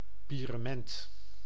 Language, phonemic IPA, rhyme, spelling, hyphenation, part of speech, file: Dutch, /ˌpiː.rəˈmɛnt/, -ɛnt, pierement, pie‧re‧ment, noun, Nl-pierement.ogg
- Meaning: a (large) street organ